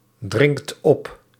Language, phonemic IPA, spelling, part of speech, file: Dutch, /ˈdrɪŋt ˈɔp/, dringt op, verb, Nl-dringt op.ogg
- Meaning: inflection of opdringen: 1. second/third-person singular present indicative 2. plural imperative